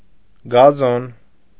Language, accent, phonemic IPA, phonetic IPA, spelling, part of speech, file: Armenian, Eastern Armenian, /ɡɑˈzon/, [ɡɑzón], գազոն, noun, Hy-գազոն.ogg
- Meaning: lawn